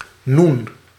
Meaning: 1. noon 2. nun (Semitic letter)
- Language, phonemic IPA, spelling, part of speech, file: Dutch, /nun/, noen, noun, Nl-noen.ogg